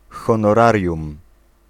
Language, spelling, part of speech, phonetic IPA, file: Polish, honorarium, noun, [ˌxɔ̃nɔˈrarʲjũm], Pl-honorarium.ogg